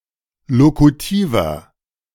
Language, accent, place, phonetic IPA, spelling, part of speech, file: German, Germany, Berlin, [ˈlokutiːvɐ], lokutiver, adjective, De-lokutiver.ogg
- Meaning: inflection of lokutiv: 1. strong/mixed nominative masculine singular 2. strong genitive/dative feminine singular 3. strong genitive plural